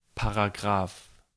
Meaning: article, paragraph (section of a legal document)
- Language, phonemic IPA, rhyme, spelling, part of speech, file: German, /paʁaˈɡʁaːf/, -aːf, Paragraph, noun, De-Paragraph.ogg